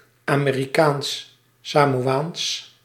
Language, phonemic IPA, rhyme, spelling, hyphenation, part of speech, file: Dutch, /ˌaː.meː.riˌkaːns.saː.moːˈaːns/, -aːns, Amerikaans-Samoaans, Ame‧ri‧kaans-‧Sa‧mo‧aans, adjective, Nl-Amerikaans-Samoaans.ogg
- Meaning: American Samoan, in, from or relating to American Samoa